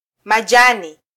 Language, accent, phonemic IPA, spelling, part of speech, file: Swahili, Kenya, /mɑˈʄɑ.ni/, majani, noun, Sw-ke-majani.flac
- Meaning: 1. foliage, greenery 2. plural of jani